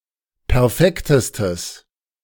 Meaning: strong/mixed nominative/accusative neuter singular superlative degree of perfekt
- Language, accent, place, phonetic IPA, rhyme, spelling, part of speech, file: German, Germany, Berlin, [pɛʁˈfɛktəstəs], -ɛktəstəs, perfektestes, adjective, De-perfektestes.ogg